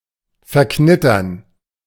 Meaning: to crinkle, to rumple
- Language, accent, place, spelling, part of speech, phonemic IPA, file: German, Germany, Berlin, verknittern, verb, /fɛɐ̯ˈknɪtɐn/, De-verknittern.ogg